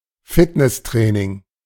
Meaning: fitness training
- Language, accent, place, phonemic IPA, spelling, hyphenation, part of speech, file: German, Germany, Berlin, /ˈfɪtnɛsˌtʁɛːnɪŋ/, Fitnesstraining, Fit‧ness‧trai‧ning, noun, De-Fitnesstraining.ogg